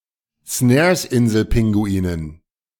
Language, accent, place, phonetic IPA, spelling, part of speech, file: German, Germany, Berlin, [ˈsnɛːɐ̯sˌʔɪnzl̩ˌpɪŋɡuiːnən], Snaresinselpinguinen, noun, De-Snaresinselpinguinen.ogg
- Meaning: dative plural of Snaresinselpinguin